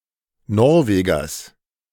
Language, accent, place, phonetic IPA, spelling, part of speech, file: German, Germany, Berlin, [ˈnɔʁˌveːɡɐs], Norwegers, noun, De-Norwegers.ogg
- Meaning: genitive singular of Norweger